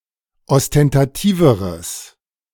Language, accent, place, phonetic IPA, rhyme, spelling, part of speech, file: German, Germany, Berlin, [ɔstɛntaˈtiːvəʁəs], -iːvəʁəs, ostentativeres, adjective, De-ostentativeres.ogg
- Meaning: strong/mixed nominative/accusative neuter singular comparative degree of ostentativ